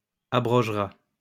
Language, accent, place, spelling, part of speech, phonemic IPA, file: French, France, Lyon, abrogera, verb, /a.bʁɔʒ.ʁa/, LL-Q150 (fra)-abrogera.wav
- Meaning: third-person singular simple future of abroger